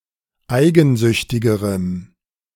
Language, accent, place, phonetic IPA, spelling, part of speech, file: German, Germany, Berlin, [ˈaɪ̯ɡn̩ˌzʏçtɪɡəʁəm], eigensüchtigerem, adjective, De-eigensüchtigerem.ogg
- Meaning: strong dative masculine/neuter singular comparative degree of eigensüchtig